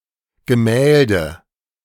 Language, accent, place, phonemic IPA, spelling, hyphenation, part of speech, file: German, Germany, Berlin, /ɡəˈmɛːldə/, Gemälde, Ge‧mäl‧de, noun, De-Gemälde.ogg
- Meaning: painting